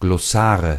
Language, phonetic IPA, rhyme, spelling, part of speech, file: German, [ɡlɔˈsaːʁə], -aːʁə, Glossare, noun, De-Glossare.ogg
- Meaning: nominative/accusative/genitive plural of Glossar